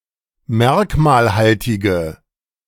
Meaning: inflection of merkmalhaltig: 1. strong/mixed nominative/accusative feminine singular 2. strong nominative/accusative plural 3. weak nominative all-gender singular
- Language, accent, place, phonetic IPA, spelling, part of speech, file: German, Germany, Berlin, [ˈmɛʁkmaːlˌhaltɪɡə], merkmalhaltige, adjective, De-merkmalhaltige.ogg